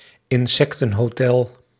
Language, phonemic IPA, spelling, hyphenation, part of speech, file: Dutch, /ɪnˈsɛktə(n)ɦoːˌtɛl/, insectenhotel, in‧sec‧ten‧ho‧tel, noun, Nl-insectenhotel.ogg
- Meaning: insect hotel